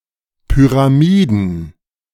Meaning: plural of Pyramide
- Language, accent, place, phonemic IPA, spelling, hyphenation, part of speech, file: German, Germany, Berlin, /ˌpyʁaˈmiːdən/, Pyramiden, Py‧ra‧mi‧den, noun, De-Pyramiden.ogg